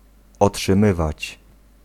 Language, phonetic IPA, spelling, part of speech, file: Polish, [ˌɔṭʃɨ̃ˈmɨvat͡ɕ], otrzymywać, verb, Pl-otrzymywać.ogg